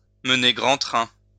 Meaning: to live the high life, to live high on the hog, to live in style, to live large
- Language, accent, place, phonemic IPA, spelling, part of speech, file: French, France, Lyon, /mə.ne ɡʁɑ̃ tʁɛ̃/, mener grand train, verb, LL-Q150 (fra)-mener grand train.wav